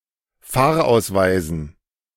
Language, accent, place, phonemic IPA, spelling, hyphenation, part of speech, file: German, Germany, Berlin, /ˈfaːɐ̯ˌaʊ̯svaɪzn̩/, Fahrausweisen, Fahr‧aus‧wei‧sen, noun, De-Fahrausweisen.ogg
- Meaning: dative plural of Fahrausweis